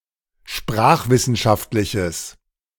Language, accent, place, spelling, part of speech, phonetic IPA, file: German, Germany, Berlin, sprachwissenschaftliches, adjective, [ˈʃpʁaːxvɪsn̩ˌʃaftlɪçəs], De-sprachwissenschaftliches.ogg
- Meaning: strong/mixed nominative/accusative neuter singular of sprachwissenschaftlich